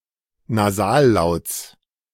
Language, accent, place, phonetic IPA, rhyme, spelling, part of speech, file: German, Germany, Berlin, [naˈzaːlˌlaʊ̯t͡s], -aːllaʊ̯t͡s, Nasallauts, noun, De-Nasallauts.ogg
- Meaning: genitive singular of Nasallaut